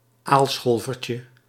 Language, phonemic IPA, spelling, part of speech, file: Dutch, /ˈalsxolvərcə/, aalscholvertje, noun, Nl-aalscholvertje.ogg
- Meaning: diminutive of aalscholver